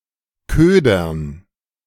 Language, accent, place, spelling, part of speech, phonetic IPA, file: German, Germany, Berlin, Ködern, noun, [ˈkøːdɐn], De-Ködern.ogg
- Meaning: dative plural of Köder